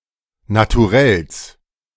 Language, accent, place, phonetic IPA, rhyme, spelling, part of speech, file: German, Germany, Berlin, [natuˈʁɛls], -ɛls, Naturells, noun, De-Naturells.ogg
- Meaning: genitive singular of Naturell